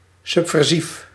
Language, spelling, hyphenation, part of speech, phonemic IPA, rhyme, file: Dutch, subversief, sub‧ver‧sief, adjective, /ˌsʏp.vɛrˈsif/, -if, Nl-subversief.ogg
- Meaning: subversive